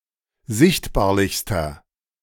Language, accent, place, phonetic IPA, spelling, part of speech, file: German, Germany, Berlin, [ˈzɪçtbaːɐ̯lɪçstɐ], sichtbarlichster, adjective, De-sichtbarlichster.ogg
- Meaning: inflection of sichtbarlich: 1. strong/mixed nominative masculine singular superlative degree 2. strong genitive/dative feminine singular superlative degree 3. strong genitive plural superlative degree